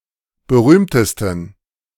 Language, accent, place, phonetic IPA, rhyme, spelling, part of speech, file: German, Germany, Berlin, [bəˈʁyːmtəstn̩], -yːmtəstn̩, berühmtesten, adjective, De-berühmtesten.ogg
- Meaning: 1. superlative degree of berühmt 2. inflection of berühmt: strong genitive masculine/neuter singular superlative degree